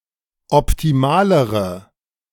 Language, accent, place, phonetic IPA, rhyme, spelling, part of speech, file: German, Germany, Berlin, [ɔptiˈmaːləʁə], -aːləʁə, optimalere, adjective, De-optimalere.ogg
- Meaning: inflection of optimal: 1. strong/mixed nominative/accusative feminine singular comparative degree 2. strong nominative/accusative plural comparative degree